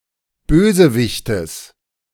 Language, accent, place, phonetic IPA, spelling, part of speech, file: German, Germany, Berlin, [ˈbøːzəˌvɪçtəs], Bösewichtes, noun, De-Bösewichtes.ogg
- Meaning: genitive singular of Bösewicht